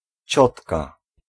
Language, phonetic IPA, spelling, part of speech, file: Polish, [ˈt͡ɕɔtka], ciotka, noun, Pl-ciotka.ogg